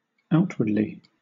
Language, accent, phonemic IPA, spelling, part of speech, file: English, Southern England, /ˈaʊtwədli/, outwardly, adverb, LL-Q1860 (eng)-outwardly.wav
- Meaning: 1. Externally or on the outside, or on the surface 2. Toward the outside